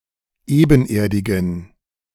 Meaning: inflection of ebenerdig: 1. strong genitive masculine/neuter singular 2. weak/mixed genitive/dative all-gender singular 3. strong/weak/mixed accusative masculine singular 4. strong dative plural
- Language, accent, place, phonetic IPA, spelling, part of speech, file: German, Germany, Berlin, [ˈeːbn̩ˌʔeːɐ̯dɪɡn̩], ebenerdigen, adjective, De-ebenerdigen.ogg